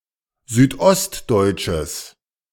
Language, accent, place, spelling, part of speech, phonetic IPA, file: German, Germany, Berlin, südostdeutsches, adjective, [ˌzyːtˈʔɔstdɔɪ̯tʃəs], De-südostdeutsches.ogg
- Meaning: strong/mixed nominative/accusative neuter singular of südostdeutsch